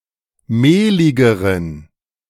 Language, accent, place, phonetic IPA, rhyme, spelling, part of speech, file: German, Germany, Berlin, [ˈmeːlɪɡəʁən], -eːlɪɡəʁən, mehligeren, adjective, De-mehligeren.ogg
- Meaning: inflection of mehlig: 1. strong genitive masculine/neuter singular comparative degree 2. weak/mixed genitive/dative all-gender singular comparative degree